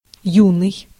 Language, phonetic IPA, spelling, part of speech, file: Russian, [ˈjunɨj], юный, adjective, Ru-юный.ogg
- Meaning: 1. young, youthful (in the early part of life or growth) 2. juvenile